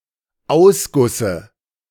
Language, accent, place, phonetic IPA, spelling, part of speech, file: German, Germany, Berlin, [ˈaʊ̯sˌɡʊsə], Ausgusse, noun, De-Ausgusse.ogg
- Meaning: dative singular of Ausguss